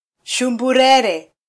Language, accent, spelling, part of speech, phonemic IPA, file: Swahili, Kenya, shumburere, noun, /ʃu.ᵐbuˈɾɛ.ɾɛ/, Sw-ke-shumburere.flac
- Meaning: 1. sombrero (hat) 2. umbrella